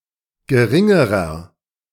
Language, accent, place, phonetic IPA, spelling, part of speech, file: German, Germany, Berlin, [ɡəˈʁɪŋəʁɐ], geringerer, adjective, De-geringerer.ogg
- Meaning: inflection of gering: 1. strong/mixed nominative masculine singular comparative degree 2. strong genitive/dative feminine singular comparative degree 3. strong genitive plural comparative degree